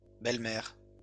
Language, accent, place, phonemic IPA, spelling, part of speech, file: French, France, Lyon, /bɛl.mɛʁ/, belles-mères, noun, LL-Q150 (fra)-belles-mères.wav
- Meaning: plural of belle-mère